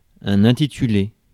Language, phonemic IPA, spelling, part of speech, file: French, /ɛ̃.ti.ty.le/, intitulé, verb, Fr-intitulé.ogg
- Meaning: past participle of intituler